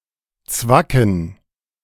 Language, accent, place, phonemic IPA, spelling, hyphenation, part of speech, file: German, Germany, Berlin, /ˈt͡svakn̩/, zwacken, zwa‧cken, verb, De-zwacken.ogg
- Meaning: to pinch